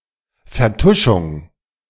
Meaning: cover-up
- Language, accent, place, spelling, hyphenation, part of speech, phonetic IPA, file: German, Germany, Berlin, Vertuschung, Ver‧tu‧schung, noun, [fɛɐ̯ˈtʊʃʊŋ], De-Vertuschung.ogg